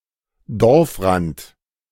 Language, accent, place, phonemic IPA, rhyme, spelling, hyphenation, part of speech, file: German, Germany, Berlin, /ˈdɔʁfˌʁant/, -ant, Dorfrand, Dorf‧rand, noun, De-Dorfrand.ogg
- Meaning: edge of the village